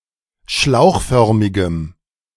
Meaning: strong dative masculine/neuter singular of schlauchförmig
- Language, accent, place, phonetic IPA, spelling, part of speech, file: German, Germany, Berlin, [ˈʃlaʊ̯xˌfœʁmɪɡəm], schlauchförmigem, adjective, De-schlauchförmigem.ogg